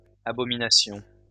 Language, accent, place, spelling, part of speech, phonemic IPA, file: French, France, Lyon, abominations, noun, /a.bɔ.mi.na.sjɔ̃/, LL-Q150 (fra)-abominations.wav
- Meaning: plural of abomination